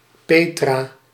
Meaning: a female given name from Ancient Greek, masculine equivalent Peter, equivalent to English Petra
- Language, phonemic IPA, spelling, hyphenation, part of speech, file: Dutch, /ˈpeː.traː/, Petra, Pe‧tra, proper noun, Nl-Petra.ogg